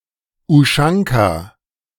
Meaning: ushanka
- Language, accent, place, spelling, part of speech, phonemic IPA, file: German, Germany, Berlin, Uschanka, noun, /ʊˈʃaŋka/, De-Uschanka.ogg